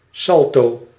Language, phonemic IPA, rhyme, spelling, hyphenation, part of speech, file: Dutch, /ˈsɑl.toː/, -ɑltoː, salto, sal‧to, noun, Nl-salto.ogg
- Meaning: somersault, flip (jump where one makes a 360° rotation)